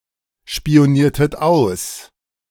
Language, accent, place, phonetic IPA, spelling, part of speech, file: German, Germany, Berlin, [ʃpi̯oˌniːɐ̯tət ˈaʊ̯s], spioniertet aus, verb, De-spioniertet aus.ogg
- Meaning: inflection of ausspionieren: 1. second-person plural preterite 2. second-person plural subjunctive II